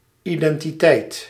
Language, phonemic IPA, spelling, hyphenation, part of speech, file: Dutch, /ˌidɛntiˈtɛit/, identiteit, iden‧ti‧teit, noun, Nl-identiteit.ogg
- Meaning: identity